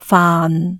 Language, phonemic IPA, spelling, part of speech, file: Cantonese, /faːn˨/, faan6, romanization, Yue-faan6.ogg
- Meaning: 1. Jyutping transcription of 泛 2. Jyutping transcription of 汎 /泛 3. Jyutping transcription of 飯 /饭